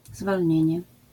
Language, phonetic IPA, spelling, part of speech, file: Polish, [zvɔlʲˈɲɛ̇̃ɲɛ], zwolnienie, noun, LL-Q809 (pol)-zwolnienie.wav